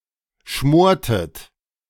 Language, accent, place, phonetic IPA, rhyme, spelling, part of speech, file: German, Germany, Berlin, [ˈʃmoːɐ̯tət], -oːɐ̯tət, schmortet, verb, De-schmortet.ogg
- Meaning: inflection of schmoren: 1. second-person plural preterite 2. second-person plural subjunctive II